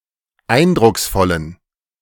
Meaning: inflection of eindrucksvoll: 1. strong genitive masculine/neuter singular 2. weak/mixed genitive/dative all-gender singular 3. strong/weak/mixed accusative masculine singular 4. strong dative plural
- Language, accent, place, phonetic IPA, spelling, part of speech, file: German, Germany, Berlin, [ˈaɪ̯ndʁʊksˌfɔlən], eindrucksvollen, adjective, De-eindrucksvollen.ogg